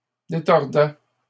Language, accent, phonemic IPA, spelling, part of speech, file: French, Canada, /de.tɔʁ.dɛ/, détordaient, verb, LL-Q150 (fra)-détordaient.wav
- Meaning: third-person plural imperfect indicative of détordre